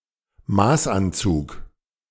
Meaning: bespoke suit, made-to-measure suit
- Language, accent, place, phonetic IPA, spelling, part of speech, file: German, Germany, Berlin, [ˈmaːsʔanˌt͡suːk], Maßanzug, noun, De-Maßanzug.ogg